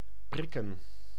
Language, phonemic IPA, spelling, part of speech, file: Dutch, /ˈprɪkə(n)/, prikken, verb / noun, Nl-prikken.ogg
- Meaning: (verb) 1. to sting, to prick 2. to poke 3. to perforate 4. to give an injection 5. to vaccinate 6. to fix(ate) a date, appointment etc; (noun) plural of prik